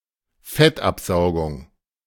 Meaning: liposuction
- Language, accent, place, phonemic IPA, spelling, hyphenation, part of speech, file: German, Germany, Berlin, /ˈfɛtˌʔapzaʊ̯ɡʊŋ/, Fettabsaugung, Fett‧ab‧sau‧gung, noun, De-Fettabsaugung.ogg